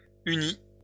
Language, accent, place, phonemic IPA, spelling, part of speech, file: French, France, Lyon, /y.ni/, unit, verb, LL-Q150 (fra)-unit.wav
- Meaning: inflection of unir: 1. third-person singular present indicative 2. third-person singular past historic